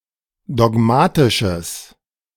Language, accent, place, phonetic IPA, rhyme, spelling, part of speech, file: German, Germany, Berlin, [dɔˈɡmaːtɪʃəs], -aːtɪʃəs, dogmatisches, adjective, De-dogmatisches.ogg
- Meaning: strong/mixed nominative/accusative neuter singular of dogmatisch